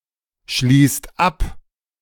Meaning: inflection of abschließen: 1. second/third-person singular present 2. second-person plural present 3. plural imperative
- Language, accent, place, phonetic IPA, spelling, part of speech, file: German, Germany, Berlin, [ˌʃliːst ˈap], schließt ab, verb, De-schließt ab.ogg